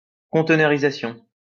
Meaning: Containerization
- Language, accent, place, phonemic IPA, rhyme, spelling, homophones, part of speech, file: French, France, Lyon, /kɔ̃.t(ə).nœ.ʁi.za.sjɔ̃/, -jɔ̃, conteneurisation, conteneurisations, noun, LL-Q150 (fra)-conteneurisation.wav